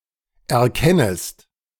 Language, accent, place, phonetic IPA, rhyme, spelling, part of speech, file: German, Germany, Berlin, [ɛɐ̯ˈkɛnəst], -ɛnəst, erkennest, verb, De-erkennest.ogg
- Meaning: second-person singular subjunctive I of erkennen